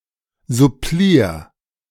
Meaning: singular imperative of supplieren
- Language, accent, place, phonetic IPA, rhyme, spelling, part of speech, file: German, Germany, Berlin, [zʊˈpliːɐ̯], -iːɐ̯, supplier, verb, De-supplier.ogg